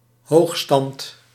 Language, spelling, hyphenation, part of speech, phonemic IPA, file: Dutch, hoogstand, hoog‧stand, noun, /ˈɦoːx.stɑnt/, Nl-hoogstand.ogg
- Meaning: 1. an erect handstand 2. a tour de force, a skillful or impressive feat, an extraordinary achievement